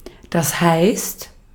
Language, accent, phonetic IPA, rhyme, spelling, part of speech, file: German, Austria, [haɪ̯st], -aɪ̯st, heißt, verb, De-at-heißt.ogg
- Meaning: inflection of heißen: 1. second/third-person singular present 2. second-person plural present 3. plural imperative